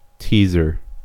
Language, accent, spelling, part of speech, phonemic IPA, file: English, US, teaser, noun, /ˈtiːzɚ/, En-us-teaser.ogg
- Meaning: 1. One who teases or pokes fun 2. A person or thing that teases 3. A preview or part of a product released in preparation of its main advertising, typically a short film, song, or quote